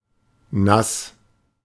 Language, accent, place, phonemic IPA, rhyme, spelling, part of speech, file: German, Germany, Berlin, /nas/, -as, nass, adjective, De-nass.ogg
- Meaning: 1. wet (soaked with liquid) 2. wet, moist (sexually aroused and thus having the vulva moistened with vaginal secretions)